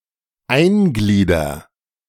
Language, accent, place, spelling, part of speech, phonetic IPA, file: German, Germany, Berlin, einglieder, verb, [ˈaɪ̯nˌɡliːdɐ], De-einglieder.ogg
- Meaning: inflection of eingliedern: 1. first-person singular present 2. singular imperative